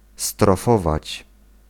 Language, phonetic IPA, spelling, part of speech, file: Polish, [strɔˈfɔvat͡ɕ], strofować, verb, Pl-strofować.ogg